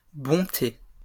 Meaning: plural of bonté
- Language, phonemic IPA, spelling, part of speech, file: French, /bɔ̃.te/, bontés, noun, LL-Q150 (fra)-bontés.wav